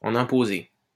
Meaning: to be impressive
- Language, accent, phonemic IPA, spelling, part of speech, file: French, France, /ɑ̃.n‿ɛ̃.po.ze/, en imposer, verb, LL-Q150 (fra)-en imposer.wav